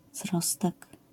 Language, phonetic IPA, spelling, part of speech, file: Polish, [ˈzrɔstɛk], zrostek, noun, LL-Q809 (pol)-zrostek.wav